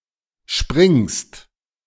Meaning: second-person singular present of springen
- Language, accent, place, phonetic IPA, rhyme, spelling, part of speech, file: German, Germany, Berlin, [ʃpʁɪŋst], -ɪŋst, springst, verb, De-springst.ogg